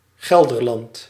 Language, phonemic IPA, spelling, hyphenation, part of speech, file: Dutch, /ˈɣɛl.dərˌlɑnt/, Gelderland, Gel‧der‧land, proper noun, Nl-Gelderland.ogg
- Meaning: Gelderland (a province of the Netherlands)